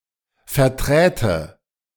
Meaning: first/third-person singular subjunctive II of vertreten
- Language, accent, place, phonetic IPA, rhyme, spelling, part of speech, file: German, Germany, Berlin, [fɛɐ̯ˈtʁɛːtə], -ɛːtə, verträte, verb, De-verträte.ogg